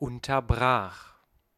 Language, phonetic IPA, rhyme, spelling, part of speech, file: German, [ˌʊntɐˈbʁaːx], -aːx, unterbrach, verb, De-unterbrach.ogg
- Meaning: first/third-person singular preterite of unterbrechen